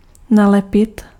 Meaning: 1. to stick on, to glue on 2. to stick to sth/sb, to cling to sth/sb, to shadow someone
- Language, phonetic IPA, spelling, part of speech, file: Czech, [ˈnalɛpɪt], nalepit, verb, Cs-nalepit.ogg